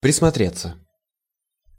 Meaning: 1. to look closely/attentively (at), to watch 2. to get accustomed/used (to) 3. passive of присмотре́ть (prismotrétʹ)
- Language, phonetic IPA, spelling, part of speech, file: Russian, [prʲɪsmɐˈtrʲet͡sːə], присмотреться, verb, Ru-присмотреться.ogg